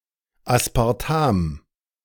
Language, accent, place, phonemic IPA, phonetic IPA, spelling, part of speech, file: German, Germany, Berlin, /aspaʁˈtam/, [ʔäspʰäʁˈtʰäm], Aspartam, noun, De-Aspartam.ogg
- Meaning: aspartame